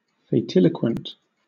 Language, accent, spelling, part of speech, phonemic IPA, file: English, Southern England, fatiloquent, adjective, /feɪˈtɪləkwənt/, LL-Q1860 (eng)-fatiloquent.wav
- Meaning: prophetic; speaking of fate